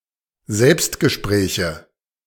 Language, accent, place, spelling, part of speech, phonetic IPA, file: German, Germany, Berlin, Selbstgespräche, noun, [ˈzɛlpstɡəˌʃpʁɛːçə], De-Selbstgespräche.ogg
- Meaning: nominative/accusative/genitive plural of Selbstgespräch